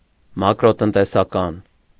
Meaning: macroeconomic
- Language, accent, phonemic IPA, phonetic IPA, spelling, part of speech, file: Armenian, Eastern Armenian, /mɑkɾotəntesɑˈkɑn/, [mɑkɾotəntesɑkɑ́n], մակրոտնտեսական, adjective, Hy-մակրոտնտեսական.ogg